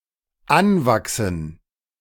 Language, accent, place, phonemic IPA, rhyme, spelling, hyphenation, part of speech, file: German, Germany, Berlin, /ˈanˌvaksn̩/, -anvaksn̩, anwachsen, an‧wach‧sen, verb, De-anwachsen.ogg
- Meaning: 1. to accrue, rise, increase 2. to grow (on); to take root